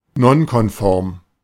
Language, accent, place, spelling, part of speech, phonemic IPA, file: German, Germany, Berlin, nonkonform, adjective, /ˈnɔnkɔnˈfɔʁm/, De-nonkonform.ogg
- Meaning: nonconformist